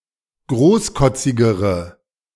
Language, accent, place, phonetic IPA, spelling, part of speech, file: German, Germany, Berlin, [ˈɡʁoːsˌkɔt͡sɪɡəʁə], großkotzigere, adjective, De-großkotzigere.ogg
- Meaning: inflection of großkotzig: 1. strong/mixed nominative/accusative feminine singular comparative degree 2. strong nominative/accusative plural comparative degree